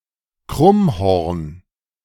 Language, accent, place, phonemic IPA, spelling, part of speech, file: German, Germany, Berlin, /ˈkʁʊmˌhɔʁn/, Krummhorn, noun, De-Krummhorn.ogg
- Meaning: crumhorn, krummhorn